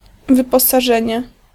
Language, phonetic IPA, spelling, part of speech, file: Polish, [ˌvɨpɔsaˈʒɛ̃ɲɛ], wyposażenie, noun, Pl-wyposażenie.ogg